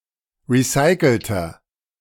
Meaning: inflection of recycelt: 1. strong/mixed nominative masculine singular 2. strong genitive/dative feminine singular 3. strong genitive plural
- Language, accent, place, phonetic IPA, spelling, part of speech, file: German, Germany, Berlin, [ˌʁiˈsaɪ̯kl̩tɐ], recycelter, adjective, De-recycelter.ogg